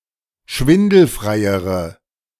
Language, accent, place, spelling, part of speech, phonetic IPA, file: German, Germany, Berlin, schwindelfreiere, adjective, [ˈʃvɪndl̩fʁaɪ̯əʁə], De-schwindelfreiere.ogg
- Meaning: inflection of schwindelfrei: 1. strong/mixed nominative/accusative feminine singular comparative degree 2. strong nominative/accusative plural comparative degree